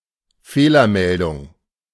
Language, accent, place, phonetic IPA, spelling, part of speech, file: German, Germany, Berlin, [ˈfeːlɐmɛldʊŋ], Fehlermeldung, noun, De-Fehlermeldung.ogg
- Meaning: error message